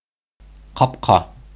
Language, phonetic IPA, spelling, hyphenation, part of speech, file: Bashkir, [qɑpˈqɑ], ҡапҡа, ҡап‧ҡа, noun, Ba-ҡапҡа.ogg
- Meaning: 1. gate 2. a place through which people arrive to and leave a city or region; gate, gateway, terminal